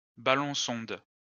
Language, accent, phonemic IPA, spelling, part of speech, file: French, France, /ba.lɔ̃.sɔ̃d/, ballon-sonde, noun, LL-Q150 (fra)-ballon-sonde.wav
- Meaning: weather balloon, sounding balloon